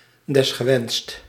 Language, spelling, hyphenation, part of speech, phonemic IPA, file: Dutch, desgewenst, des‧ge‧wenst, adverb, /ˌdɛs.xəˈʋɛnst/, Nl-desgewenst.ogg
- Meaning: if desired, when wished for, optionally